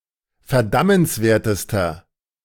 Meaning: inflection of verdammenswert: 1. strong/mixed nominative masculine singular superlative degree 2. strong genitive/dative feminine singular superlative degree
- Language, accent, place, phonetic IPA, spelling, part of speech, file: German, Germany, Berlin, [fɛɐ̯ˈdamənsˌveːɐ̯təstɐ], verdammenswertester, adjective, De-verdammenswertester.ogg